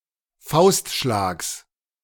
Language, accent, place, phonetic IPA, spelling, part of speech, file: German, Germany, Berlin, [ˈfaʊ̯stˌʃlaːks], Faustschlags, noun, De-Faustschlags.ogg
- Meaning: genitive singular of Faustschlag